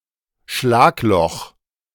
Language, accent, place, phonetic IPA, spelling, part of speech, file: German, Germany, Berlin, [ˈʃlaːkˌlɔx], Schlagloch, noun, De-Schlagloch.ogg
- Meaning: pothole, road hole